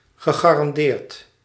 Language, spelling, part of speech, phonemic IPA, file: Dutch, gegarandeerd, verb / adjective, /ɣəˌɣarɑnˈdert/, Nl-gegarandeerd.ogg
- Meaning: past participle of garanderen